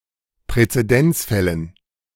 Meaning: dative plural of Präzedenzfall
- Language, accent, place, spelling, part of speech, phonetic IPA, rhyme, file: German, Germany, Berlin, Präzedenzfällen, noun, [pʁɛt͡seˈdɛnt͡sˌfɛlən], -ɛnt͡sfɛlən, De-Präzedenzfällen.ogg